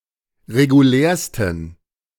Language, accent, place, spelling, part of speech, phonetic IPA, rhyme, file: German, Germany, Berlin, regulärsten, adjective, [ʁeɡuˈlɛːɐ̯stn̩], -ɛːɐ̯stn̩, De-regulärsten.ogg
- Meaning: 1. superlative degree of regulär 2. inflection of regulär: strong genitive masculine/neuter singular superlative degree